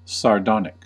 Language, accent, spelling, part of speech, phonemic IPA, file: English, US, sardonic, adjective, /sɑɹˈdɑnɪk/, En-us-sardonic.ogg
- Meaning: 1. Scornfully mocking or cynical 2. Disdainfully or ironically humorous